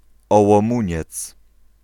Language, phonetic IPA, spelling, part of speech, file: Polish, [ˌɔwɔ̃ˈmũɲɛt͡s], Ołomuniec, proper noun, Pl-Ołomuniec.ogg